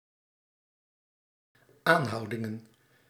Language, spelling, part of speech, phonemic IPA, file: Dutch, aanhoudingen, noun, /ˈanhɑudɪŋə(n)/, Nl-aanhoudingen.ogg
- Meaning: plural of aanhouding